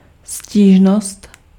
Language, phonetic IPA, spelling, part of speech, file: Czech, [ˈsciːʒnost], stížnost, noun, Cs-stížnost.ogg
- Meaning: complaint